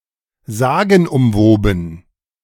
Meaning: legendary, shrouded in myth (the subject of many legends, mysticized)
- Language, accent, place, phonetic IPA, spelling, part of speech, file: German, Germany, Berlin, [ˈzaːɡn̩ʔʊmˌvoːbn̩], sagenumwoben, adjective, De-sagenumwoben.ogg